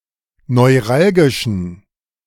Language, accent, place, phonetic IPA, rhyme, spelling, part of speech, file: German, Germany, Berlin, [nɔɪ̯ˈʁalɡɪʃn̩], -alɡɪʃn̩, neuralgischen, adjective, De-neuralgischen.ogg
- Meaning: inflection of neuralgisch: 1. strong genitive masculine/neuter singular 2. weak/mixed genitive/dative all-gender singular 3. strong/weak/mixed accusative masculine singular 4. strong dative plural